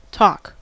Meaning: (verb) 1. To communicate, usually by means of speech 2. To discuss; to talk about 3. To speak (a certain language) 4. Used to emphasise the importance, size, complexity etc. of the thing mentioned
- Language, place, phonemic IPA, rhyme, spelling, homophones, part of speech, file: English, California, /tɔk/, -ɔːk, talk, torc / torq, verb / noun, En-us-talk.ogg